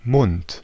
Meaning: 1. mouth of a person 2. hand 3. legal protection
- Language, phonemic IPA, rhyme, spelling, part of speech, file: German, /mʊnt/, -ʊnt, Mund, noun, De-Mund.ogg